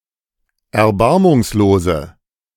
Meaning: inflection of erbarmungslos: 1. strong/mixed nominative/accusative feminine singular 2. strong nominative/accusative plural 3. weak nominative all-gender singular
- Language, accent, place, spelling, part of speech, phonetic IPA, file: German, Germany, Berlin, erbarmungslose, adjective, [ɛɐ̯ˈbaʁmʊŋsloːzə], De-erbarmungslose.ogg